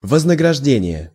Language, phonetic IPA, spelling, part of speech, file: Russian, [vəznəɡrɐʐˈdʲenʲɪje], вознаграждение, noun, Ru-вознаграждение.ogg
- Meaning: reward, recompense; remuneration; payoff